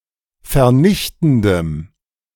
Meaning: strong dative masculine/neuter singular of vernichtend
- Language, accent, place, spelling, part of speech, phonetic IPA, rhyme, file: German, Germany, Berlin, vernichtendem, adjective, [fɛɐ̯ˈnɪçtn̩dəm], -ɪçtn̩dəm, De-vernichtendem.ogg